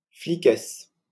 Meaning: female equivalent of flic
- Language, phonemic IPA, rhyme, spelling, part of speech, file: French, /fli.kɛs/, -ɛs, fliquesse, noun, LL-Q150 (fra)-fliquesse.wav